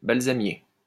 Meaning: balsam plant
- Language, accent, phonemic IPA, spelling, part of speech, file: French, France, /bal.za.mje/, balsamier, noun, LL-Q150 (fra)-balsamier.wav